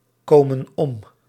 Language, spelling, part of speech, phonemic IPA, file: Dutch, kopen om, verb, /ˈkopə(n) ˈɔm/, Nl-kopen om.ogg
- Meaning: inflection of omkopen: 1. plural present indicative 2. plural present subjunctive